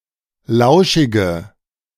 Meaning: inflection of lauschig: 1. strong/mixed nominative/accusative feminine singular 2. strong nominative/accusative plural 3. weak nominative all-gender singular
- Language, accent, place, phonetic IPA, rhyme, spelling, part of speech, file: German, Germany, Berlin, [ˈlaʊ̯ʃɪɡə], -aʊ̯ʃɪɡə, lauschige, adjective, De-lauschige.ogg